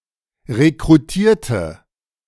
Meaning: inflection of rekrutieren: 1. first/third-person singular preterite 2. first/third-person singular subjunctive II
- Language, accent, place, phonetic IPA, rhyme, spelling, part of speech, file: German, Germany, Berlin, [ʁekʁuˈtiːɐ̯tə], -iːɐ̯tə, rekrutierte, adjective / verb, De-rekrutierte.ogg